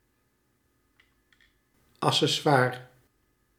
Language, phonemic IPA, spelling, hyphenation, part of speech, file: Dutch, /ˌɑ.səˈsʋaː.rə/, accessoire, ac‧ces‧soi‧re, noun, Nl-accessoire.ogg
- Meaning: accessory (attachment)